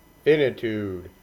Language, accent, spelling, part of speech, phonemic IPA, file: English, US, finitude, noun, /ˈfɪnətud/, En-us-finitude.ogg
- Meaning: The state or characteristic of being finite; limitedness